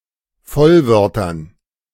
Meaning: dative plural of Vollwort
- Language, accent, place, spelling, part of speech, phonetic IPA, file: German, Germany, Berlin, Vollwörtern, noun, [ˈfɔlˌvœʁtɐn], De-Vollwörtern.ogg